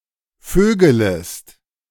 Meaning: second-person singular subjunctive I of vögeln
- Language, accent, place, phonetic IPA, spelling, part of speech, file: German, Germany, Berlin, [ˈføːɡələst], vögelest, verb, De-vögelest.ogg